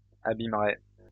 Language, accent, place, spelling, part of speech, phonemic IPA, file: French, France, Lyon, abîmeraient, verb, /a.bim.ʁɛ/, LL-Q150 (fra)-abîmeraient.wav
- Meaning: third-person plural conditional of abîmer